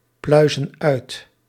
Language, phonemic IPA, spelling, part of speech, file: Dutch, /ˈplœyzə(n) ˈœyt/, pluizen uit, verb, Nl-pluizen uit.ogg
- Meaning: inflection of uitpluizen: 1. plural present indicative 2. plural present subjunctive